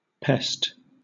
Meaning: 1. A pestilence, i.e. a deadly epidemic, a deadly plague 2. Any destructive insect that attacks crops or livestock; an agricultural pest 3. An annoying person, a nuisance
- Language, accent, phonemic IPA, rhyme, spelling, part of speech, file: English, Southern England, /pɛst/, -ɛst, pest, noun, LL-Q1860 (eng)-pest.wav